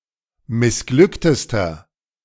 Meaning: inflection of missglückt: 1. strong/mixed nominative masculine singular superlative degree 2. strong genitive/dative feminine singular superlative degree 3. strong genitive plural superlative degree
- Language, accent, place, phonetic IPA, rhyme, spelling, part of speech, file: German, Germany, Berlin, [mɪsˈɡlʏktəstɐ], -ʏktəstɐ, missglücktester, adjective, De-missglücktester.ogg